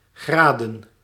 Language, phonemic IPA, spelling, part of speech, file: Dutch, /ˈɣradə(n)/, graden, noun, Nl-graden.ogg
- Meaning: plural of graad